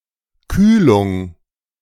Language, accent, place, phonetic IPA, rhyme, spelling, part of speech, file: German, Germany, Berlin, [ˈkyːlʊŋ], -yːlʊŋ, Kühlung, noun, De-Kühlung.ogg
- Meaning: cooling, chilling, refrigeration